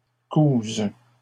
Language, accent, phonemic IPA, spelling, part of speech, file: French, Canada, /kuz/, couses, verb, LL-Q150 (fra)-couses.wav
- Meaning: second-person singular present subjunctive of coudre